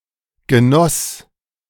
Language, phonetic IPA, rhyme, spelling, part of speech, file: German, [ɡəˈnɔs], -ɔs, genoss, verb, De-genoss.oga
- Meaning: past of genießen